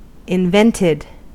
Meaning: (adjective) Fictional, made up, imaginary; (verb) simple past and past participle of invent
- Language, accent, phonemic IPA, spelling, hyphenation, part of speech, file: English, General American, /ɪnˈvɛntɪd/, invented, in‧vent‧ed, adjective / verb, En-us-invented.ogg